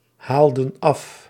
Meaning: inflection of afhalen: 1. plural past indicative 2. plural past subjunctive
- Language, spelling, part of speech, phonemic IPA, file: Dutch, haalden af, verb, /ˈhaldə(n) ˈɑf/, Nl-haalden af.ogg